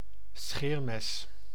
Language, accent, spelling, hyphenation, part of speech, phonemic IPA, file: Dutch, Netherlands, scheermes, scheer‧mes, noun, /ˈsxeːr.mɛs/, Nl-scheermes.ogg
- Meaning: 1. a razor, a fine knife or blade for shaving 2. something razor sharp, poignant etc